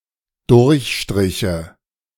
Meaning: first/third-person singular dependent subjunctive II of durchstreichen
- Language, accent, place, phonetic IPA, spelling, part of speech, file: German, Germany, Berlin, [ˈdʊʁçˌʃtʁɪçə], durchstriche, verb, De-durchstriche.ogg